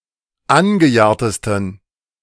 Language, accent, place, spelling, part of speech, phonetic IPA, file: German, Germany, Berlin, angejahrtesten, adjective, [ˈanɡəˌjaːɐ̯təstn̩], De-angejahrtesten.ogg
- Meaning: 1. superlative degree of angejahrt 2. inflection of angejahrt: strong genitive masculine/neuter singular superlative degree